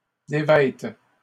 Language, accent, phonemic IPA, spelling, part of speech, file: French, Canada, /de.vɛt/, dévêtent, verb, LL-Q150 (fra)-dévêtent.wav
- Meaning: third-person plural present indicative/subjunctive of dévêtir